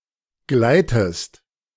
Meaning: inflection of gleiten: 1. second-person singular present 2. second-person singular subjunctive I
- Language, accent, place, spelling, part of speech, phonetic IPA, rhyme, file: German, Germany, Berlin, gleitest, verb, [ˈɡlaɪ̯təst], -aɪ̯təst, De-gleitest.ogg